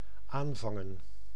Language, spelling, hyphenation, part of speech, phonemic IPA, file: Dutch, aanvangen, aan‧van‧gen, verb / noun, /ˈaːnˌvɑŋə(n)/, Nl-aanvangen.ogg
- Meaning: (verb) to begin, to start, to commence; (noun) plural of aanvang